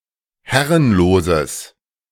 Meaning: strong/mixed nominative/accusative neuter singular of herrenlos
- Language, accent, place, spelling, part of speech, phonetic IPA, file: German, Germany, Berlin, herrenloses, adjective, [ˈhɛʁənloːzəs], De-herrenloses.ogg